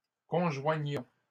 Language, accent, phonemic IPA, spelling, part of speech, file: French, Canada, /kɔ̃.ʒwa.ɲɔ̃/, conjoignons, verb, LL-Q150 (fra)-conjoignons.wav
- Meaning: inflection of conjoindre: 1. first-person plural present indicative 2. first-person plural imperative